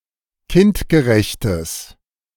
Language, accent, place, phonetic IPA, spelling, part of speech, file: German, Germany, Berlin, [ˈkɪntɡəˌʁɛçtəs], kindgerechtes, adjective, De-kindgerechtes.ogg
- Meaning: strong/mixed nominative/accusative neuter singular of kindgerecht